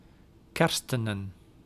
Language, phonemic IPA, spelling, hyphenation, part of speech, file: Dutch, /ˈkɛr.stə.nə(n)/, kerstenen, ker‧ste‧nen, verb, Nl-kerstenen.ogg
- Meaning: 1. to Christianize; to convert to Christianity 2. to baptize